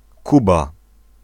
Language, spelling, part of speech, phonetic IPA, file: Polish, Kuba, proper noun, [ˈkuba], Pl-Kuba.ogg